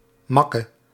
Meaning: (noun) 1. blow 2. misfortune 3. problem, shortcoming; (adjective) 1. inflection of mak 2. inflection of mak: masculine/feminine singular attributive
- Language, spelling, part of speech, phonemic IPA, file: Dutch, makke, noun / adjective, /ˈmɑ.kə/, Nl-makke.ogg